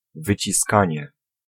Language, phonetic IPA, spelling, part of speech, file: Polish, [ˌvɨt͡ɕiˈskãɲɛ], wyciskanie, noun, Pl-wyciskanie.ogg